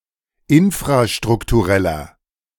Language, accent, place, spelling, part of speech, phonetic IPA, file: German, Germany, Berlin, infrastruktureller, adjective, [ˈɪnfʁaʃtʁʊktuˌʁɛlɐ], De-infrastruktureller.ogg
- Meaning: inflection of infrastrukturell: 1. strong/mixed nominative masculine singular 2. strong genitive/dative feminine singular 3. strong genitive plural